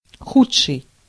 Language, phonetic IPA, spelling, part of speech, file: Russian, [ˈxut͡ʂʂɨj], худший, adjective, Ru-худший.ogg
- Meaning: 1. comparative degree of плохо́й (ploxój): worse (more inferior) 2. comparative degree of худо́й (xudój): worse (more inferior) 3. superlative degree of плохо́й (ploxój): worst (most inferior)